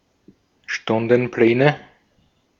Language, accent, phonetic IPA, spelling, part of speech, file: German, Austria, [ˈʃtʊndn̩ˌplɛːnə], Stundenpläne, noun, De-at-Stundenpläne.ogg
- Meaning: nominative/accusative/genitive plural of Stundenplan